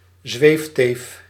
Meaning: 1. a woman who has an unrealistic worldview, who is out of touch with reality (e.g. into New Age) 2. a stewardess, an air hostess
- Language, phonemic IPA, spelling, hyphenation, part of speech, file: Dutch, /ˈzʋeːfteːf/, zweefteef, zweef‧teef, noun, Nl-zweefteef.ogg